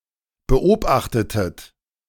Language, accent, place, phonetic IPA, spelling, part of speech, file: German, Germany, Berlin, [bəˈʔoːbaxtətət], beobachtetet, verb, De-beobachtetet.ogg
- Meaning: inflection of beobachten: 1. second-person plural preterite 2. second-person plural subjunctive II